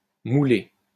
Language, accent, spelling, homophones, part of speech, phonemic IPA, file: French, France, moulé, moulai / moulée / moulées / mouler / moulés / moulez, verb / adjective, /mu.le/, LL-Q150 (fra)-moulé.wav
- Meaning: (verb) past participle of mouler; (adjective) moulded